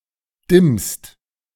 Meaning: second-person singular present of dimmen
- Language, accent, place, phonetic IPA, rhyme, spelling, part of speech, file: German, Germany, Berlin, [dɪmst], -ɪmst, dimmst, verb, De-dimmst.ogg